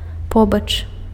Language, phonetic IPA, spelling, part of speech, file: Belarusian, [ˈpobat͡ʂ], побач, preposition, Be-побач.ogg
- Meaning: near